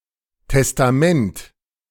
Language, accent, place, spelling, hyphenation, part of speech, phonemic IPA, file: German, Germany, Berlin, Testament, Tes‧ta‧ment, noun, /tɛstaˈmɛnt/, De-Testament.ogg
- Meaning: 1. will, testament 2. testament (part of the Bible)